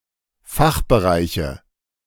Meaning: nominative/accusative/genitive plural of Fachbereich
- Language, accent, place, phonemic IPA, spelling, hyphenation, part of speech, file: German, Germany, Berlin, /ˈfaxbəˌʁaɪ̯çə/, Fachbereiche, Fach‧be‧rei‧che, noun, De-Fachbereiche.ogg